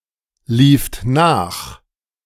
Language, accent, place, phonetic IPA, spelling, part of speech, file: German, Germany, Berlin, [ˌliːft ˈnaːx], lieft nach, verb, De-lieft nach.ogg
- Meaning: second-person plural preterite of nachlaufen